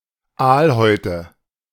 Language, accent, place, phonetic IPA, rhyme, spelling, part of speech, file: German, Germany, Berlin, [ˈaːlˌhɔɪ̯tə], -aːlhɔɪ̯tə, Aalhäute, noun, De-Aalhäute.ogg
- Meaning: nominative/accusative/genitive plural of Aalhaut